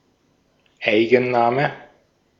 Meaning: proper noun
- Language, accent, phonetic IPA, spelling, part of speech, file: German, Austria, [ˈaɪ̯ɡn̩ˌnaːmə], Eigenname, noun, De-at-Eigenname.ogg